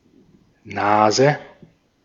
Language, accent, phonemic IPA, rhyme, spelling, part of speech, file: German, Austria, /ˈnaːzə/, -aːzə, Nase, noun, De-at-Nase.ogg
- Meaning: 1. nose 2. snout 3. dummy; a mild insult 4. common nase (Chondrostoma nasus) 5. a snort or line of cocaine 6. nose candy, cocaine